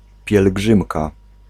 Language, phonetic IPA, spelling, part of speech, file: Polish, [pʲjɛlˈɡʒɨ̃mka], pielgrzymka, noun, Pl-pielgrzymka.ogg